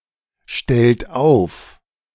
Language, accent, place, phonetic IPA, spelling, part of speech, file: German, Germany, Berlin, [ˌʃtɛlt ˈaʊ̯f], stellt auf, verb, De-stellt auf.ogg
- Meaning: inflection of aufstellen: 1. third-person singular present 2. second-person plural present 3. plural imperative